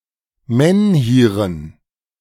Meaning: dative plural of Menhir
- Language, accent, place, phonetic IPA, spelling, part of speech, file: German, Germany, Berlin, [ˈmɛnhiːʁən], Menhiren, noun, De-Menhiren.ogg